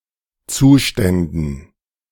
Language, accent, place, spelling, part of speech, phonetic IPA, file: German, Germany, Berlin, Zuständen, noun, [ˈt͡suːˌʃtɛndn̩], De-Zuständen.ogg
- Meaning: dative plural of Zustand